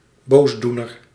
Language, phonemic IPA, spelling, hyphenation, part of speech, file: Dutch, /ˈboːsˌdu.nər/, boosdoener, boos‧doe‧ner, noun, Nl-boosdoener.ogg
- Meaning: evildoer, perpetrator, culprit